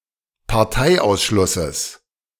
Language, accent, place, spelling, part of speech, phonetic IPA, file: German, Germany, Berlin, Parteiausschlusses, noun, [paʁˈtaɪ̯ʔaʊ̯sˌʃlʊsəs], De-Parteiausschlusses.ogg
- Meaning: genitive singular of Parteiausschluss